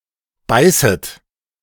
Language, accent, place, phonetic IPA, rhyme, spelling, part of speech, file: German, Germany, Berlin, [ˈbaɪ̯sət], -aɪ̯sət, beißet, verb, De-beißet.ogg
- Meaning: second-person plural subjunctive I of beißen